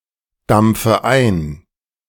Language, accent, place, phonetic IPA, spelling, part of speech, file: German, Germany, Berlin, [ˌdamp͡fə ˈaɪ̯n], dampfe ein, verb, De-dampfe ein.ogg
- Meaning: inflection of eindampfen: 1. first-person singular present 2. first/third-person singular subjunctive I 3. singular imperative